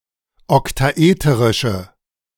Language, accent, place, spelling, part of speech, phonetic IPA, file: German, Germany, Berlin, oktaeterische, adjective, [ɔktaˈʔeːtəʁɪʃə], De-oktaeterische.ogg
- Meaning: inflection of oktaeterisch: 1. strong/mixed nominative/accusative feminine singular 2. strong nominative/accusative plural 3. weak nominative all-gender singular